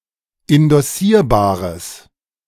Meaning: strong/mixed nominative/accusative neuter singular of indossierbar
- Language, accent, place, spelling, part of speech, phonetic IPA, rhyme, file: German, Germany, Berlin, indossierbares, adjective, [ɪndɔˈsiːɐ̯baːʁəs], -iːɐ̯baːʁəs, De-indossierbares.ogg